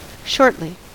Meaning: 1. In a short or brief time or manner; quickly 2. In or after a short time; soon 3. In few words 4. In an irritable ("short") manner
- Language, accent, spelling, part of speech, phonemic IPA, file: English, US, shortly, adverb, /ˈʃɔɹtli/, En-us-shortly.ogg